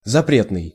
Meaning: forbidden
- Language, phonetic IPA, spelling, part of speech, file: Russian, [zɐˈprʲetnɨj], запретный, adjective, Ru-запретный.ogg